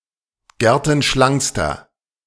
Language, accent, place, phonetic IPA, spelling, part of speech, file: German, Germany, Berlin, [ˈɡɛʁtn̩ˌʃlaŋkstɐ], gertenschlankster, adjective, De-gertenschlankster.ogg
- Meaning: inflection of gertenschlank: 1. strong/mixed nominative masculine singular superlative degree 2. strong genitive/dative feminine singular superlative degree